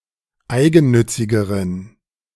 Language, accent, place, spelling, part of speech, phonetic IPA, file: German, Germany, Berlin, eigennützigeren, adjective, [ˈaɪ̯ɡn̩ˌnʏt͡sɪɡəʁən], De-eigennützigeren.ogg
- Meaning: inflection of eigennützig: 1. strong genitive masculine/neuter singular comparative degree 2. weak/mixed genitive/dative all-gender singular comparative degree